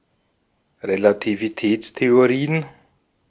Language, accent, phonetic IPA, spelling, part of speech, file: German, Austria, [ʁelativiˈtɛːt͡steoʁiːən], Relativitätstheorien, noun, De-at-Relativitätstheorien.ogg
- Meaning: plural of Relativitätstheorie